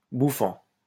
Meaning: present participle of bouffer
- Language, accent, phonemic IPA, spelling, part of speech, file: French, France, /bu.fɑ̃/, bouffant, verb, LL-Q150 (fra)-bouffant.wav